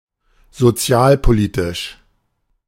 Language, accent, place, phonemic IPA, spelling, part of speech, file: German, Germany, Berlin, /zoˈt͡sɪ̯aːlpoˌlitɪʃ/, sozialpolitisch, adjective, De-sozialpolitisch.ogg
- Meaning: sociopolitical